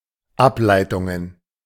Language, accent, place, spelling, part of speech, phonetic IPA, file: German, Germany, Berlin, Ableitungen, noun, [ˈaplaɪ̯tʊŋən], De-Ableitungen.ogg
- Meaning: plural of Ableitung